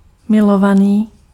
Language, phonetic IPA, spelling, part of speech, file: Czech, [ˈmɪlovaniː], milovaný, adjective, Cs-milovaný.ogg
- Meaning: beloved, loved